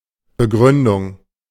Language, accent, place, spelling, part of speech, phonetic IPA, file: German, Germany, Berlin, Begründung, noun, [bəˈɡʁʏndʊŋ], De-Begründung.ogg
- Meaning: 1. reason, rationale, grounds 2. explanation, justification